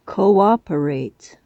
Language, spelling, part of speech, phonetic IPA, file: English, cooperate, verb, [kɐʉˈɔ̟p.ə.ɹæɪt], En-cooperate.ogg
- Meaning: 1. To work or act together, especially for a common purpose or benefit 2. To allow for mutual unobstructed action 3. To function in harmony, side by side 4. To engage in economic cooperation